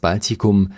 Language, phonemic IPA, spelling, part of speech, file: German, /ˈbaltikʊm/, Baltikum, proper noun, De-Baltikum.ogg